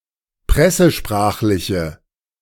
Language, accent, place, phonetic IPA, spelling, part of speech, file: German, Germany, Berlin, [ˈpʁɛsəˌʃpʁaːxlɪçə], pressesprachliche, adjective, De-pressesprachliche.ogg
- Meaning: inflection of pressesprachlich: 1. strong/mixed nominative/accusative feminine singular 2. strong nominative/accusative plural 3. weak nominative all-gender singular